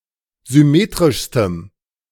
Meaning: strong dative masculine/neuter singular superlative degree of symmetrisch
- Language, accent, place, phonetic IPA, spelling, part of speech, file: German, Germany, Berlin, [zʏˈmeːtʁɪʃstəm], symmetrischstem, adjective, De-symmetrischstem.ogg